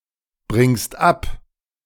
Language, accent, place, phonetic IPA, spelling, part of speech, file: German, Germany, Berlin, [ˌbʁɪŋst ˈap], bringst ab, verb, De-bringst ab.ogg
- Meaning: second-person singular present of abbringen